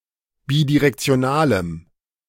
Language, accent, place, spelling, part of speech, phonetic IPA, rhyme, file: German, Germany, Berlin, bidirektionalem, adjective, [ˌbidiʁɛkt͡si̯oˈnaːləm], -aːləm, De-bidirektionalem.ogg
- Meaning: strong dative masculine/neuter singular of bidirektional